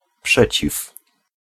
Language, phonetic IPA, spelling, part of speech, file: Polish, [ˈpʃɛt͡ɕif], przeciw, preposition, Pl-przeciw.ogg